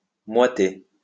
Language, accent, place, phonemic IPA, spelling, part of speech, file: French, France, Lyon, /mwa.te/, moiter, verb, LL-Q150 (fra)-moiter.wav
- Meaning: 1. to make moist with sweat 2. to become moist with sweat